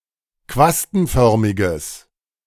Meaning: strong/mixed nominative/accusative neuter singular of quastenförmig
- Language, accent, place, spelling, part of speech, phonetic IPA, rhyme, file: German, Germany, Berlin, quastenförmiges, adjective, [ˈkvastn̩ˌfœʁmɪɡəs], -astn̩fœʁmɪɡəs, De-quastenförmiges.ogg